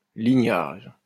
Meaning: 1. lineage (all senses) 2. descent
- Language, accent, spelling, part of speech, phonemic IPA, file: French, France, lignage, noun, /li.ɲaʒ/, LL-Q150 (fra)-lignage.wav